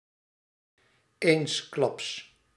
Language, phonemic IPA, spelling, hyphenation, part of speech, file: Dutch, /ˈeːns.klɑps/, eensklaps, eens‧klaps, adverb, Nl-eensklaps.ogg
- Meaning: suddenly